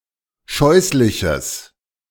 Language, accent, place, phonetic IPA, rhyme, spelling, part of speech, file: German, Germany, Berlin, [ˈʃɔɪ̯slɪçəs], -ɔɪ̯slɪçəs, scheußliches, adjective, De-scheußliches.ogg
- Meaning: strong/mixed nominative/accusative neuter singular of scheußlich